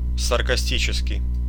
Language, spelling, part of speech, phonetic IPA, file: Russian, саркастический, adjective, [sərkɐˈsʲtʲit͡ɕɪskʲɪj], Ru-саркастический.ogg
- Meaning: sarcastic (containing sarcasm)